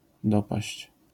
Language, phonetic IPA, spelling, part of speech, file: Polish, [dɔpaɕt͡ɕ], dopaść, verb, LL-Q809 (pol)-dopaść.wav